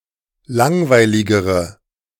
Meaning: inflection of langweilig: 1. strong/mixed nominative/accusative feminine singular comparative degree 2. strong nominative/accusative plural comparative degree
- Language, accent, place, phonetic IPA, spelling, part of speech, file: German, Germany, Berlin, [ˈlaŋvaɪ̯lɪɡəʁə], langweiligere, adjective, De-langweiligere.ogg